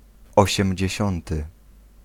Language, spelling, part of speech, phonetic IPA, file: Polish, osiemdziesiąty, adjective, [ˌɔɕɛ̃mʲd͡ʑɛ̇ˈɕɔ̃ntɨ], Pl-osiemdziesiąty.ogg